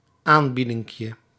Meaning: diminutive of aanbieding
- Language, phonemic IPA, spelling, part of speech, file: Dutch, /ˈambidɪŋkjə/, aanbiedinkje, noun, Nl-aanbiedinkje.ogg